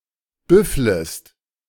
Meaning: second-person singular subjunctive I of büffeln
- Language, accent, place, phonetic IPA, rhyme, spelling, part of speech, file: German, Germany, Berlin, [ˈbʏfləst], -ʏfləst, büfflest, verb, De-büfflest.ogg